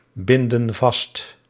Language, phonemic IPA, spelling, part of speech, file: Dutch, /ˈbɪndə(n) ˈvɑst/, binden vast, verb, Nl-binden vast.ogg
- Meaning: inflection of vastbinden: 1. plural present indicative 2. plural present subjunctive